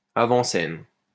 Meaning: proscenium
- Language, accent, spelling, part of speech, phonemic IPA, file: French, France, avant-scène, noun, /a.vɑ̃.sɛn/, LL-Q150 (fra)-avant-scène.wav